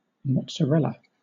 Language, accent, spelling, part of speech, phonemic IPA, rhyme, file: English, Southern England, mozzarella, noun, /mɒt.səˈɹɛl.ə/, -ɛlə, LL-Q1860 (eng)-mozzarella.wav
- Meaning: 1. Soft Italian or Italian-style cheese made from cow's or buffalo's milk and commonly used as a pizza topping and in salads etc 2. Money